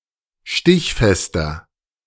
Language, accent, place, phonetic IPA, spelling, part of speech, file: German, Germany, Berlin, [ˈʃtɪçˌfɛstɐ], stichfester, adjective, De-stichfester.ogg
- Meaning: 1. comparative degree of stichfest 2. inflection of stichfest: strong/mixed nominative masculine singular 3. inflection of stichfest: strong genitive/dative feminine singular